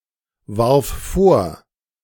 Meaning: first/third-person singular preterite of vorwerfen
- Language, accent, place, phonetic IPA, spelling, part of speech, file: German, Germany, Berlin, [ˌvaʁf ˈfoːɐ̯], warf vor, verb, De-warf vor.ogg